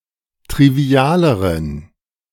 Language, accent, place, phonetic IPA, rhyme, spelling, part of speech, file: German, Germany, Berlin, [tʁiˈvi̯aːləʁən], -aːləʁən, trivialeren, adjective, De-trivialeren.ogg
- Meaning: inflection of trivial: 1. strong genitive masculine/neuter singular comparative degree 2. weak/mixed genitive/dative all-gender singular comparative degree